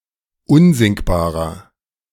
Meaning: inflection of unsinkbar: 1. strong/mixed nominative masculine singular 2. strong genitive/dative feminine singular 3. strong genitive plural
- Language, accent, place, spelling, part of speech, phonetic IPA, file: German, Germany, Berlin, unsinkbarer, adjective, [ˈʊnzɪŋkbaːʁɐ], De-unsinkbarer.ogg